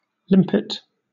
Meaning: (noun) Any of various gastropods with a conical shell shape (patelliform) and a strong, muscular foot that they use to create strong suction to cling onto rocks or other hard surfaces
- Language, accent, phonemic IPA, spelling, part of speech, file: English, Southern England, /ˈlɪm.pɪt/, limpet, noun / verb, LL-Q1860 (eng)-limpet.wav